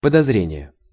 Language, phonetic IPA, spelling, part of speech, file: Russian, [pədɐzˈrʲenʲɪje], подозрение, noun, Ru-подозрение.ogg
- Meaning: suspicion (act of suspecting something or someone, especially of something wrong)